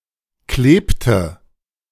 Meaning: inflection of kleben: 1. first/third-person singular preterite 2. first/third-person singular subjunctive II
- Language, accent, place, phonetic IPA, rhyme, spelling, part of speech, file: German, Germany, Berlin, [ˈkleːptə], -eːptə, klebte, verb, De-klebte.ogg